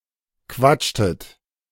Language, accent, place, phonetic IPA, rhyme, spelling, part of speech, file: German, Germany, Berlin, [ˈkvat͡ʃtət], -at͡ʃtət, quatschtet, verb, De-quatschtet.ogg
- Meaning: inflection of quatschen: 1. second-person plural preterite 2. second-person plural subjunctive II